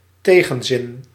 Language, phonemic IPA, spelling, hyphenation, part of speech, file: Dutch, /ˈteːɣə(n)ˌzɪn/, tegenzin, te‧gen‧zin, noun, Nl-tegenzin.ogg
- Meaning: a reluctance, an unwillingness to do or accept something